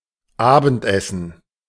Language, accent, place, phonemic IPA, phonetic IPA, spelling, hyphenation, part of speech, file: German, Germany, Berlin, /ˈaːbəntˌɛsən/, [ˈʔaːbn̩tˌʔɛsn̩], abendessen, abend‧es‧sen, verb, De-abendessen.ogg
- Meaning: to sup, to have supper (the evening meal)